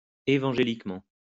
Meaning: evangelically
- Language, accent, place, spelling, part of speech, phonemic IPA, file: French, France, Lyon, évangéliquement, adverb, /e.vɑ̃.ʒe.lik.mɑ̃/, LL-Q150 (fra)-évangéliquement.wav